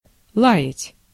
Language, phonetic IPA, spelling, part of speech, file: Russian, [ˈɫa(j)ɪtʲ], лаять, verb, Ru-лаять.ogg
- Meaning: 1. to bark (like a dog) 2. to scold, to rebuke